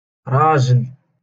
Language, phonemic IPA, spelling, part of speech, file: Moroccan Arabic, /raː.ʒil/, راجل, noun, LL-Q56426 (ary)-راجل.wav
- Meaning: 1. man 2. husband